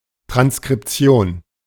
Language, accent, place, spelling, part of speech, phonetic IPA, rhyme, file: German, Germany, Berlin, Transkription, noun, [tʁanskʁɪpˈt͡si̯oːn], -oːn, De-Transkription.ogg
- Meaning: transcription, transliteration